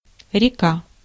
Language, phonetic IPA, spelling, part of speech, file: Russian, [rʲɪˈka], река, noun, Ru-река.ogg
- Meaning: river, stream